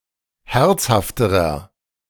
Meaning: inflection of herzhaft: 1. strong/mixed nominative masculine singular comparative degree 2. strong genitive/dative feminine singular comparative degree 3. strong genitive plural comparative degree
- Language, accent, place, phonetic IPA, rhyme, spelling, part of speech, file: German, Germany, Berlin, [ˈhɛʁt͡shaftəʁɐ], -ɛʁt͡shaftəʁɐ, herzhafterer, adjective, De-herzhafterer.ogg